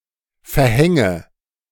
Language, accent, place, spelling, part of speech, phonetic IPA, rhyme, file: German, Germany, Berlin, verhänge, verb, [fɛɐ̯ˈhɛŋə], -ɛŋə, De-verhänge.ogg
- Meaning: inflection of verhängen: 1. first-person singular present 2. first/third-person singular subjunctive I 3. singular imperative